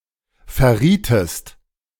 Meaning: inflection of verraten: 1. second-person singular preterite 2. second-person singular subjunctive II
- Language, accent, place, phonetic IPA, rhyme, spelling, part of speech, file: German, Germany, Berlin, [fɛɐ̯ˈʁiːtəst], -iːtəst, verrietest, verb, De-verrietest.ogg